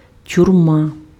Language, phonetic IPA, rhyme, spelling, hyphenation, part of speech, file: Ukrainian, [tʲʊrˈma], -a, тюрма, тюр‧ма, noun, Uk-тюрма.ogg
- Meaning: prison, jail